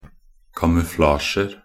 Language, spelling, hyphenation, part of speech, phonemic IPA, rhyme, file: Norwegian Bokmål, kamuflasjer, ka‧mu‧fla‧sjer, noun, /kamʉˈflɑːʃər/, -ər, Nb-kamuflasjer.ogg
- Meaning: indefinite plural of kamuflasje